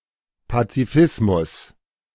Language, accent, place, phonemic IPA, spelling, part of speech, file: German, Germany, Berlin, /patsiˈfɪsmʊs/, Pazifismus, noun, De-Pazifismus.ogg
- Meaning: pacifism